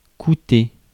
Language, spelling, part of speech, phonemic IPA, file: French, coûter, verb, /ku.te/, Fr-coûter.ogg
- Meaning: to cost